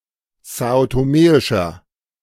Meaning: inflection of são-toméisch: 1. strong/mixed nominative masculine singular 2. strong genitive/dative feminine singular 3. strong genitive plural
- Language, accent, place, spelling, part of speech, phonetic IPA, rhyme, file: German, Germany, Berlin, são-toméischer, adjective, [ˌzaːotoˈmeːɪʃɐ], -eːɪʃɐ, De-são-toméischer.ogg